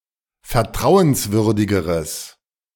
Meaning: strong/mixed nominative/accusative neuter singular comparative degree of vertrauenswürdig
- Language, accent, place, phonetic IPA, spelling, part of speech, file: German, Germany, Berlin, [fɛɐ̯ˈtʁaʊ̯ənsˌvʏʁdɪɡəʁəs], vertrauenswürdigeres, adjective, De-vertrauenswürdigeres.ogg